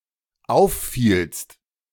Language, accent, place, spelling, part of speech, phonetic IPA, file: German, Germany, Berlin, auffielst, verb, [ˈaʊ̯fˌfiːlst], De-auffielst.ogg
- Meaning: second-person singular dependent preterite of auffallen